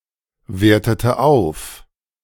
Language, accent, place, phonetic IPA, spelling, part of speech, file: German, Germany, Berlin, [ˌveːɐ̯tətə ˈaʊ̯f], wertete auf, verb, De-wertete auf.ogg
- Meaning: inflection of aufwerten: 1. first/third-person singular preterite 2. first/third-person singular subjunctive II